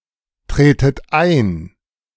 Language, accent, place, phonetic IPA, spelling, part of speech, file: German, Germany, Berlin, [ˌtʁeːtət ˈaɪ̯n], tretet ein, verb, De-tretet ein.ogg
- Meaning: inflection of eintreten: 1. second-person plural present 2. second-person plural subjunctive I 3. plural imperative